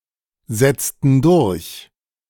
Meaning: inflection of durchsetzen: 1. first/third-person plural preterite 2. first/third-person plural subjunctive II
- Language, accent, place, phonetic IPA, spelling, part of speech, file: German, Germany, Berlin, [ˌzɛt͡stn̩ ˈdʊʁç], setzten durch, verb, De-setzten durch.ogg